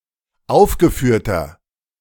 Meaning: inflection of aufgeführt: 1. strong/mixed nominative masculine singular 2. strong genitive/dative feminine singular 3. strong genitive plural
- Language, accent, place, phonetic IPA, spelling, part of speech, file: German, Germany, Berlin, [ˈaʊ̯fɡəˌfyːɐ̯tɐ], aufgeführter, adjective, De-aufgeführter.ogg